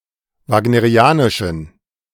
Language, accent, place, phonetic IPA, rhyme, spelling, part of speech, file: German, Germany, Berlin, [ˌvaːɡnəʁiˈaːnɪʃn̩], -aːnɪʃn̩, wagnerianischen, adjective, De-wagnerianischen.ogg
- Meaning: inflection of wagnerianisch: 1. strong genitive masculine/neuter singular 2. weak/mixed genitive/dative all-gender singular 3. strong/weak/mixed accusative masculine singular 4. strong dative plural